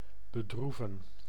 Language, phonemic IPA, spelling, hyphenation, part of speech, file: Dutch, /bəˈdruvə(n)/, bedroeven, be‧droe‧ven, verb, Nl-bedroeven.ogg
- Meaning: to grieve, sadden